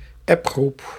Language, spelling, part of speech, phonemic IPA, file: Dutch, appgroep, noun, /ˈɛpˌɣrup/, Nl-appgroep.ogg
- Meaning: a group chat on a text messaging app